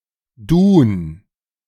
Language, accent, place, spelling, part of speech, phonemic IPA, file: German, Germany, Berlin, dun, adjective, /duːn/, De-dun.ogg
- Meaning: drunk